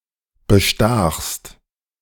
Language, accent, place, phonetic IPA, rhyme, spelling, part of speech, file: German, Germany, Berlin, [bəˈʃtaːxst], -aːxst, bestachst, verb, De-bestachst.ogg
- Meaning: second-person singular preterite of bestechen